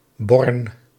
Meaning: obsolete form of bron
- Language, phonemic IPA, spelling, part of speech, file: Dutch, /bɔrn/, born, noun, Nl-born.ogg